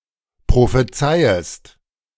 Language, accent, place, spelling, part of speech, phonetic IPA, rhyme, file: German, Germany, Berlin, prophezeiest, verb, [pʁofeˈt͡saɪ̯əst], -aɪ̯əst, De-prophezeiest.ogg
- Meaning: second-person singular subjunctive I of prophezeien